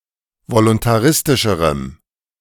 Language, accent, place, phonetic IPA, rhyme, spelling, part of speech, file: German, Germany, Berlin, [volʊntaˈʁɪstɪʃəʁəm], -ɪstɪʃəʁəm, voluntaristischerem, adjective, De-voluntaristischerem.ogg
- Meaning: strong dative masculine/neuter singular comparative degree of voluntaristisch